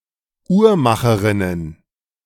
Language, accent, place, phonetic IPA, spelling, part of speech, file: German, Germany, Berlin, [ˈuːɐ̯ˌmaxəʁɪnən], Uhrmacherinnen, noun, De-Uhrmacherinnen.ogg
- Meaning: plural of Uhrmacherin